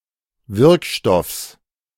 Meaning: genitive singular of Wirkstoff
- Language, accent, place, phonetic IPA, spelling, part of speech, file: German, Germany, Berlin, [ˈvɪʁkˌʃtɔfs], Wirkstoffs, noun, De-Wirkstoffs.ogg